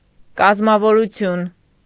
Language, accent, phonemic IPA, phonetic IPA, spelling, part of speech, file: Armenian, Eastern Armenian, /kɑzmɑvoɾuˈtʰjun/, [kɑzmɑvoɾut͡sʰjún], կազմավորություն, noun, Hy-կազմավորություն.ogg
- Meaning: synonym of կազմավորում (kazmavorum)